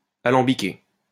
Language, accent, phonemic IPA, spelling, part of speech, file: French, France, /a.lɑ̃.bi.ke/, alambiqué, verb / adjective, LL-Q150 (fra)-alambiqué.wav
- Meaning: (verb) past participle of alambiquer; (adjective) 1. overrefined 2. convoluted